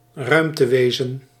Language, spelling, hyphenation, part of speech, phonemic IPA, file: Dutch, ruimtewezen, ruim‧te‧we‧zen, noun, /ˈrœy̯m.təˌʋeː.zə(n)/, Nl-ruimtewezen.ogg
- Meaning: an extraterrestrial, an alien